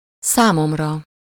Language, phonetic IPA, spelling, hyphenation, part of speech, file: Hungarian, [ˈsaːmomrɒ], számomra, szá‧mom‧ra, pronoun / noun, Hu-számomra.ogg
- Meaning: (pronoun) first-person singular of számára; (noun) sublative of számom